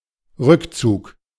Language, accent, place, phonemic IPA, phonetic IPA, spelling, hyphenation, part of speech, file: German, Germany, Berlin, /ˈʁykˌtsuːk/, [ˈʁʏkʰˌtsʰuːkʰ], Rückzug, Rück‧zug, noun, De-Rückzug.ogg
- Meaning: retreat